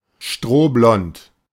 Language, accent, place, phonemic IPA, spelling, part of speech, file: German, Germany, Berlin, /ˈʃtroːˌblɔnt/, strohblond, adjective, De-strohblond.ogg
- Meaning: straw-blond